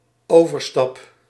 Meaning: first-person singular dependent-clause present indicative of overstappen
- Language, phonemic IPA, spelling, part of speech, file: Dutch, /ˈoverˌstɑp/, overstap, noun / verb, Nl-overstap.ogg